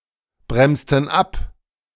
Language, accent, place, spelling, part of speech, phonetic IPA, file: German, Germany, Berlin, bremsten ab, verb, [ˌbʁɛmstn̩ ˈap], De-bremsten ab.ogg
- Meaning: inflection of abbremsen: 1. first/third-person plural preterite 2. first/third-person plural subjunctive II